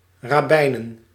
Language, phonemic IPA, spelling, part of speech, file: Dutch, /rɑˈbɛinə(n)/, rabbijnen, noun, Nl-rabbijnen.ogg
- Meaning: plural of rabbijn